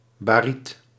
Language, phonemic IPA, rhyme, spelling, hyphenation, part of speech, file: Dutch, /baːˈrit/, -it, bariet, ba‧riet, noun, Nl-bariet.ogg
- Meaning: barite, baryte